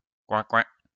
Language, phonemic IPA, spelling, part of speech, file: French, /kwɛ̃.kwɛ̃/, coin-coin, noun, LL-Q150 (fra)-coin-coin.wav
- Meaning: quack (sound made by a duck)